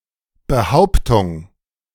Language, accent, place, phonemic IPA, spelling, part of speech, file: German, Germany, Berlin, /bəˈhaʊ̯ptʊŋ/, Behauptung, noun, De-Behauptung.ogg
- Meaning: claim, assertion